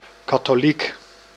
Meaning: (noun) Catholic
- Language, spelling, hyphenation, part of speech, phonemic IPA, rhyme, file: Dutch, katholiek, ka‧tho‧liek, noun / adjective, /kɑ.toːˈlik/, -ik, Nl-katholiek.ogg